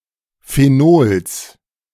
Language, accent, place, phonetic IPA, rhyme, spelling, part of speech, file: German, Germany, Berlin, [feˈnoːls], -oːls, Phenols, noun, De-Phenols.ogg
- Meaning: genitive singular of Phenol